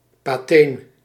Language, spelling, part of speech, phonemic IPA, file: Dutch, pateen, noun, /paˈten/, Nl-pateen.ogg
- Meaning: paten